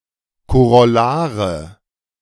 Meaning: nominative/accusative/genitive plural of Korollar
- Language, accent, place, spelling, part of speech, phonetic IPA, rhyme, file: German, Germany, Berlin, Korollare, noun, [koʁɔˈlaːʁə], -aːʁə, De-Korollare.ogg